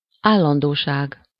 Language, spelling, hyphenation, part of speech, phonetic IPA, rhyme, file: Hungarian, állandóság, ál‧lan‧dó‧ság, noun, [ˈaːlːɒndoːʃaːɡ], -aːɡ, Hu-állandóság.ogg
- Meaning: permanence, steadiness